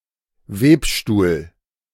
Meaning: loom (for weaving)
- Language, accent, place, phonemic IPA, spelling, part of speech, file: German, Germany, Berlin, /ˈveːpˌʃtuːl/, Webstuhl, noun, De-Webstuhl.ogg